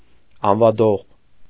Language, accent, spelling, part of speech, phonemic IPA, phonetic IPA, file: Armenian, Eastern Armenian, անվադող, noun, /ɑnvɑˈdoʁ/, [ɑnvɑdóʁ], Hy-անվադող.ogg
- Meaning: tyre